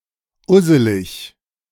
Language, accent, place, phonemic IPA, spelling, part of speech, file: German, Germany, Berlin, /ˈʊzəlɪç/, usselig, adjective, De-usselig.ogg
- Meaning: alternative form of üsselig